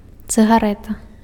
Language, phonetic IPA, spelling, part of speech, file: Belarusian, [t͡sɨɣaˈrɛta], цыгарэта, noun, Be-цыгарэта.ogg
- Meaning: cigarette